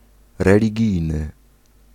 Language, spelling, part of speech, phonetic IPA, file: Polish, religijny, adjective, [ˌrɛlʲiˈɟijnɨ], Pl-religijny.ogg